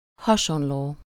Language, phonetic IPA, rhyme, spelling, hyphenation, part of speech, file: Hungarian, [ˈhɒʃonloː], -loː, hasonló, ha‧son‧ló, adjective, Hu-hasonló.ogg
- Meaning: 1. similar (to something: -hoz/-hez/-höz) 2. similar